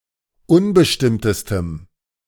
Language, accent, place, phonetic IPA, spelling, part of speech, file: German, Germany, Berlin, [ˈʊnbəʃtɪmtəstəm], unbestimmtestem, adjective, De-unbestimmtestem.ogg
- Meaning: strong dative masculine/neuter singular superlative degree of unbestimmt